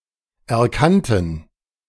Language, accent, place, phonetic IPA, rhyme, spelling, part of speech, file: German, Germany, Berlin, [ɛɐ̯ˈkantn̩], -antn̩, erkannten, adjective / verb, De-erkannten.ogg
- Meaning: first/third-person plural preterite of erkennen